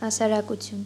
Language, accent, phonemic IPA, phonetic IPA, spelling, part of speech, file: Armenian, Eastern Armenian, /hɑsɑɾɑkuˈtʰjun/, [hɑsɑɾɑkut͡sʰjún], հասարակություն, noun, Hy-հասարակություն.ogg
- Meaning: 1. society 2. company, society